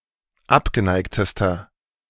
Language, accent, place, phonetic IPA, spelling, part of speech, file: German, Germany, Berlin, [ˈapɡəˌnaɪ̯ktəstɐ], abgeneigtester, adjective, De-abgeneigtester.ogg
- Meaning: inflection of abgeneigt: 1. strong/mixed nominative masculine singular superlative degree 2. strong genitive/dative feminine singular superlative degree 3. strong genitive plural superlative degree